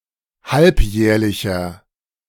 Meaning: inflection of halbjährlich: 1. strong/mixed nominative masculine singular 2. strong genitive/dative feminine singular 3. strong genitive plural
- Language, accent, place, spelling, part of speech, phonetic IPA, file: German, Germany, Berlin, halbjährlicher, adjective, [ˈhalpˌjɛːɐ̯lɪçɐ], De-halbjährlicher.ogg